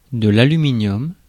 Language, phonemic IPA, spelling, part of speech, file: French, /a.ly.mi.njɔm/, aluminium, noun, Fr-aluminium.ogg
- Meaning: aluminium (element)